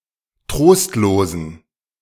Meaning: inflection of trostlos: 1. strong genitive masculine/neuter singular 2. weak/mixed genitive/dative all-gender singular 3. strong/weak/mixed accusative masculine singular 4. strong dative plural
- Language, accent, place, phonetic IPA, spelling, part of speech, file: German, Germany, Berlin, [ˈtʁoːstloːzn̩], trostlosen, adjective, De-trostlosen.ogg